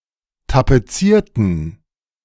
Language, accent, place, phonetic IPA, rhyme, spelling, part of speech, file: German, Germany, Berlin, [tapeˈt͡siːɐ̯tn̩], -iːɐ̯tn̩, tapezierten, adjective / verb, De-tapezierten.ogg
- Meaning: inflection of tapezieren: 1. first/third-person plural preterite 2. first/third-person plural subjunctive II